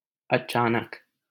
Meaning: 1. suddenly 2. unexpectedly
- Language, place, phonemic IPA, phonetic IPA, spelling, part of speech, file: Hindi, Delhi, /ə.t͡ʃɑː.nək/, [ɐ.t͡ʃäː.nɐk], अचानक, adverb, LL-Q1568 (hin)-अचानक.wav